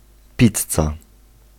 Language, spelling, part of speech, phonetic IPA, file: Polish, pizza, noun, [ˈpʲit͡sːa], Pl-pizza.ogg